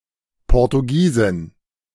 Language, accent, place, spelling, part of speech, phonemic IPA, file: German, Germany, Berlin, Portugiesin, noun, /pɔʁtuˈɡiːzɪn/, De-Portugiesin.ogg
- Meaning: Portuguese woman, female person from Portugal